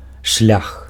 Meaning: way, path, road
- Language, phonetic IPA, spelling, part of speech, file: Belarusian, [ʂlʲax], шлях, noun, Be-шлях.ogg